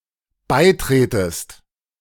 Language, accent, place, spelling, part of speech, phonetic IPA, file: German, Germany, Berlin, beitretest, verb, [ˈbaɪ̯ˌtʁeːtəst], De-beitretest.ogg
- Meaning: second-person singular dependent subjunctive I of beitreten